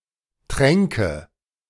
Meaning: anything that animals drink from: 1. watering place, watering hole (natural pond) 2. water trough, cow tank, birdbath (man-made basin) 3. waterer, fount, sipper tube (technical device)
- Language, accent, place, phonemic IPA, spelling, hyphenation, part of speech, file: German, Germany, Berlin, /ˈtʁɛŋkə/, Tränke, Trän‧ke, noun, De-Tränke.ogg